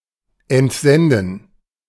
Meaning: to dispatch
- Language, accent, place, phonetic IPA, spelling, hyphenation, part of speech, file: German, Germany, Berlin, [ʔɛntˈzɛndn̩], entsenden, ent‧sen‧den, verb, De-entsenden.ogg